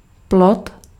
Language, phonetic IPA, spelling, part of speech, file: Czech, [ˈplot], plod, noun, Cs-plod.ogg
- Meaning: 1. fruit 2. fetus